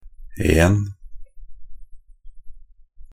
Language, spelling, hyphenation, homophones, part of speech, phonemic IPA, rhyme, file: Norwegian Bokmål, -en, -en, en, suffix, /eːn/, -eːn, Nb--en.ogg
- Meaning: 1. Forming the systematic names of alkenes, indicating the presence of a carbon–carbon double bond 2. Occurring in certain established or traditional names of hydrocarbons and related compounds